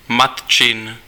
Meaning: possessive of matka: mother's
- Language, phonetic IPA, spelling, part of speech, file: Czech, [ˈmat͡ʃɪn], matčin, adjective, Cs-matčin.ogg